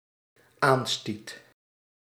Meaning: singular dependent-clause past indicative of aanstoten
- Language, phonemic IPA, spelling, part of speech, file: Dutch, /ˈanstit/, aanstiet, verb, Nl-aanstiet.ogg